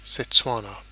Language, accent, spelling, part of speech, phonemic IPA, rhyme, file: English, UK, Setswana, proper noun, /sɛtˈswɑːnə/, -ɑːnə, En-uk-setswana.ogg